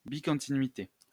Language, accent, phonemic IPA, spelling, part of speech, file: French, France, /bi.kɔ̃.ti.nɥi.te/, bicontinuité, noun, LL-Q150 (fra)-bicontinuité.wav
- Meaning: bicontinuity